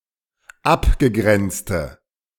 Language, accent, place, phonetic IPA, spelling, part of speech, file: German, Germany, Berlin, [ˈapɡəˌɡʁɛnt͡stə], abgegrenzte, adjective, De-abgegrenzte.ogg
- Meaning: inflection of abgegrenzt: 1. strong/mixed nominative/accusative feminine singular 2. strong nominative/accusative plural 3. weak nominative all-gender singular